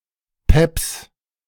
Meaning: genitive singular of Pep
- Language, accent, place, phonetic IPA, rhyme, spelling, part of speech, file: German, Germany, Berlin, [pɛps], -ɛps, Peps, noun, De-Peps.ogg